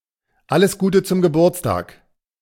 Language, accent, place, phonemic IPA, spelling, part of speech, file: German, Germany, Berlin, /ˈʔaləs ˈɡuːtə tsʊm ɡəˈbuːɐ̯tstaːk/, alles Gute zum Geburtstag, phrase, De-alles Gute zum Geburtstag.ogg
- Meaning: happy birthday